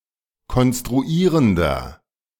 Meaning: inflection of konstruierend: 1. strong/mixed nominative masculine singular 2. strong genitive/dative feminine singular 3. strong genitive plural
- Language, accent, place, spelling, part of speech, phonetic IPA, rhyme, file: German, Germany, Berlin, konstruierender, adjective, [kɔnstʁuˈiːʁəndɐ], -iːʁəndɐ, De-konstruierender.ogg